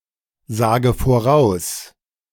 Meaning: inflection of voraussagen: 1. first-person singular present 2. first/third-person singular subjunctive I 3. singular imperative
- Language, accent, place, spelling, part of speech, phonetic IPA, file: German, Germany, Berlin, sage voraus, verb, [ˌzaːɡə foˈʁaʊ̯s], De-sage voraus.ogg